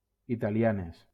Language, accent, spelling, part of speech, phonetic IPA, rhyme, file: Catalan, Valencia, italianes, adjective / noun, [i.ta.liˈa.nes], -anes, LL-Q7026 (cat)-italianes.wav
- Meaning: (adjective) feminine plural of italià; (noun) plural of italiana